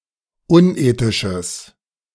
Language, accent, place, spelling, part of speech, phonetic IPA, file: German, Germany, Berlin, unethisches, adjective, [ˈʊnˌʔeːtɪʃəs], De-unethisches.ogg
- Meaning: strong/mixed nominative/accusative neuter singular of unethisch